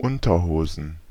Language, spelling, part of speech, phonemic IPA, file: German, Unterhosen, noun, /ˈʊntɐˌhoːzn/, De-Unterhosen.ogg
- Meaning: plural of Unterhose